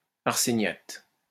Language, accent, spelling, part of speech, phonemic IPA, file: French, France, arséniate, noun, /aʁ.se.njat/, LL-Q150 (fra)-arséniate.wav
- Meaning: arsenate